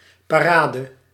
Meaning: a parade; a festive or ceremonial procession
- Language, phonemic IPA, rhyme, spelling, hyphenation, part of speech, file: Dutch, /ˌpaːˈraː.də/, -aːdə, parade, pa‧ra‧de, noun, Nl-parade.ogg